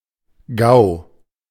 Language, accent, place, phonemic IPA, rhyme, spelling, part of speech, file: German, Germany, Berlin, /ɡaʊ̯/, -aʊ̯, GAU, noun, De-GAU.ogg